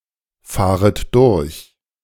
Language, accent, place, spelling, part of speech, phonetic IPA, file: German, Germany, Berlin, fahret durch, verb, [ˌfaːʁət ˈdʊʁç], De-fahret durch.ogg
- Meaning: second-person plural subjunctive I of durchfahren